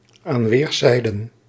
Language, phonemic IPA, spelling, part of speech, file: Dutch, /aːn ˈʋeːr.sɛi̯.də(n)/, aan weerszijden, prepositional phrase, Nl-aan weerszijden.ogg
- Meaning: on both sides